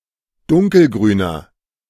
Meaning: inflection of dunkelgrün: 1. strong/mixed nominative masculine singular 2. strong genitive/dative feminine singular 3. strong genitive plural
- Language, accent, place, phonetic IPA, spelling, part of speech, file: German, Germany, Berlin, [ˈdʊŋkəlˌɡʁyːnɐ], dunkelgrüner, adjective, De-dunkelgrüner.ogg